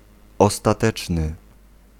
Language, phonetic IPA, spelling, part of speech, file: Polish, [ˌɔstaˈtɛt͡ʃnɨ], ostateczny, adjective, Pl-ostateczny.ogg